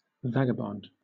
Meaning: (noun) A person on a trip of indeterminate destination and/or length of time
- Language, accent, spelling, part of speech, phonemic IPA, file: English, Southern England, vagabond, noun / verb / adjective, /ˈvæ.ɡə.bɒnd/, LL-Q1860 (eng)-vagabond.wav